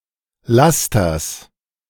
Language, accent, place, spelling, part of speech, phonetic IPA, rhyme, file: German, Germany, Berlin, Lasters, noun, [ˈlastɐs], -astɐs, De-Lasters.ogg
- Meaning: genitive singular of Laster